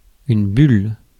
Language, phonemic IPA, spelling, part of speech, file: French, /byl/, bulle, noun / verb, Fr-bulle.ogg
- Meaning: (noun) 1. bubble 2. speech bubble, thought bubble; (verb) inflection of buller: 1. first/third-person singular present indicative/subjunctive 2. second-person singular imperative